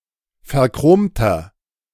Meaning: inflection of verchromt: 1. strong/mixed nominative masculine singular 2. strong genitive/dative feminine singular 3. strong genitive plural
- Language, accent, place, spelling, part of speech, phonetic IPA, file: German, Germany, Berlin, verchromter, adjective, [fɛɐ̯ˈkʁoːmtɐ], De-verchromter.ogg